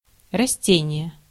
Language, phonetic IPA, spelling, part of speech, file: Russian, [rɐˈsʲtʲenʲɪje], растение, noun, Ru-растение.ogg
- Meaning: plant (living organism)